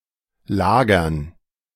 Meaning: dative plural of Lager
- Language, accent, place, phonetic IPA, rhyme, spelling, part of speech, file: German, Germany, Berlin, [ˈlaːɡɐn], -aːɡɐn, Lagern, noun, De-Lagern.ogg